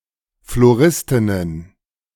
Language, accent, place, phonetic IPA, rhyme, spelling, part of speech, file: German, Germany, Berlin, [floˈʁɪstɪnən], -ɪstɪnən, Floristinnen, noun, De-Floristinnen.ogg
- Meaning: plural of Floristin